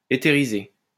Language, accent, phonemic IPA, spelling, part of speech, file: French, France, /e.te.ʁi.ze/, éthériser, verb, LL-Q150 (fra)-éthériser.wav
- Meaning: to etherize